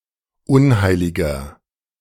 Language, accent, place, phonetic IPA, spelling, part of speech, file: German, Germany, Berlin, [ˈʊnˌhaɪ̯lɪɡɐ], unheiliger, adjective, De-unheiliger.ogg
- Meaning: 1. comparative degree of unheilig 2. inflection of unheilig: strong/mixed nominative masculine singular 3. inflection of unheilig: strong genitive/dative feminine singular